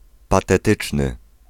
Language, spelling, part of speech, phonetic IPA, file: Polish, patetyczny, adjective, [ˌpatɛˈtɨt͡ʃnɨ], Pl-patetyczny.ogg